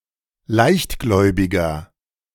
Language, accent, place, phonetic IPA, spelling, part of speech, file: German, Germany, Berlin, [ˈlaɪ̯çtˌɡlɔɪ̯bɪɡɐ], leichtgläubiger, adjective, De-leichtgläubiger.ogg
- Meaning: 1. comparative degree of leichtgläubig 2. inflection of leichtgläubig: strong/mixed nominative masculine singular 3. inflection of leichtgläubig: strong genitive/dative feminine singular